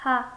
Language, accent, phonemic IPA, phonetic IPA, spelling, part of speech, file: Armenian, Eastern Armenian, /hɑ/, [hɑ], հա, particle / adverb, Hy-հա.ogg
- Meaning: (particle) yes; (adverb) placed before a verb to emphasize a continuous or repeating action; always, constantly